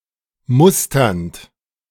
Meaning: present participle of mustern
- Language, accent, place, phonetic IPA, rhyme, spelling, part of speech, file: German, Germany, Berlin, [ˈmʊstɐnt], -ʊstɐnt, musternd, verb, De-musternd.ogg